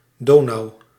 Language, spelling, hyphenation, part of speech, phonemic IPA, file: Dutch, Donau, Do‧nau, proper noun, /ˈdoːnɑu̯/, Nl-Donau.ogg